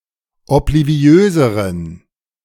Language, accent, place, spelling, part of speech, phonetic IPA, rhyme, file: German, Germany, Berlin, obliviöseren, adjective, [ɔpliˈvi̯øːzəʁən], -øːzəʁən, De-obliviöseren.ogg
- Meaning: inflection of obliviös: 1. strong genitive masculine/neuter singular comparative degree 2. weak/mixed genitive/dative all-gender singular comparative degree